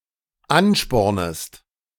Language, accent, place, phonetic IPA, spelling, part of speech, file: German, Germany, Berlin, [ˈanˌʃpɔʁnəst], anspornest, verb, De-anspornest.ogg
- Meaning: second-person singular dependent subjunctive I of anspornen